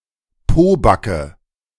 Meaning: asscheek
- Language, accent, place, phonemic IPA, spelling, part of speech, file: German, Germany, Berlin, /poːbakə/, Pobacke, noun, De-Pobacke.ogg